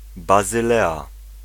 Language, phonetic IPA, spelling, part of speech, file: Polish, [ˌbazɨˈlɛa], Bazylea, proper noun, Pl-Bazylea.ogg